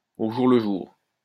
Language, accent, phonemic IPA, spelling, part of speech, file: French, France, /o ʒuʁ lə ʒuʁ/, au jour le jour, adverb, LL-Q150 (fra)-au jour le jour.wav
- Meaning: from day to day, one day at a time, hand-to-mouth